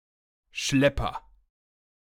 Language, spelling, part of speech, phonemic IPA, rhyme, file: German, Schlepper, noun, /ˈʃlɛpɐ/, -ɛpɐ, De-Schlepper.ogg
- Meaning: agent noun of schleppen: 1. criminal individual who organises human trafficking or people smuggling 2. tugboat (boat used to pull barges or to help maneuver larger vessels)